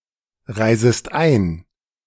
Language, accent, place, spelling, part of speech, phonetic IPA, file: German, Germany, Berlin, reisest ein, verb, [ˌʁaɪ̯zəst ˈaɪ̯n], De-reisest ein.ogg
- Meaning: second-person singular subjunctive I of einreisen